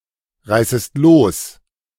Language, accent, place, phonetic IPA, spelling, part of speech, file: German, Germany, Berlin, [ˌʁaɪ̯səst ˈloːs], reißest los, verb, De-reißest los.ogg
- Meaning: second-person singular subjunctive I of losreißen